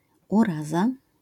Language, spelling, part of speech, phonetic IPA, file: Polish, uraza, noun, [uˈraza], LL-Q809 (pol)-uraza.wav